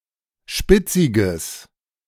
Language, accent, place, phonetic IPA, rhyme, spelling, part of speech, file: German, Germany, Berlin, [ˈʃpɪt͡sɪɡəs], -ɪt͡sɪɡəs, spitziges, adjective, De-spitziges.ogg
- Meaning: strong/mixed nominative/accusative neuter singular of spitzig